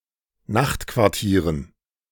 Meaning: dative plural of Nachtquartier
- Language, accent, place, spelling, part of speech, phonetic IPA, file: German, Germany, Berlin, Nachtquartieren, noun, [ˈnaxtkvaʁˌtiːʁən], De-Nachtquartieren.ogg